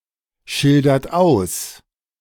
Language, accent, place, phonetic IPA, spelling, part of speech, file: German, Germany, Berlin, [ˌʃɪldɐt ˈaʊ̯s], schildert aus, verb, De-schildert aus.ogg
- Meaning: inflection of ausschildern: 1. third-person singular present 2. second-person plural present 3. plural imperative